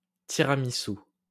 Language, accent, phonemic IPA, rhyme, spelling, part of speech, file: French, France, /ti.ʁa.mi.su/, -u, tiramisu, noun, LL-Q150 (fra)-tiramisu.wav
- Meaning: tiramisu (dessert)